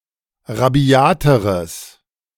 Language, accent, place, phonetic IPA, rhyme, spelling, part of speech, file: German, Germany, Berlin, [ʁaˈbi̯aːtəʁəs], -aːtəʁəs, rabiateres, adjective, De-rabiateres.ogg
- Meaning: strong/mixed nominative/accusative neuter singular comparative degree of rabiat